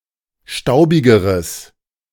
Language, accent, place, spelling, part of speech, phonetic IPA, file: German, Germany, Berlin, staubigeres, adjective, [ˈʃtaʊ̯bɪɡəʁəs], De-staubigeres.ogg
- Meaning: strong/mixed nominative/accusative neuter singular comparative degree of staubig